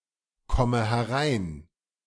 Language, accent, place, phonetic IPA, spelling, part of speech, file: German, Germany, Berlin, [ˌkɔmə hɛˈʁaɪ̯n], komme herein, verb, De-komme herein.ogg
- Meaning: inflection of hereinkommen: 1. first-person singular present 2. first/third-person singular subjunctive I 3. singular imperative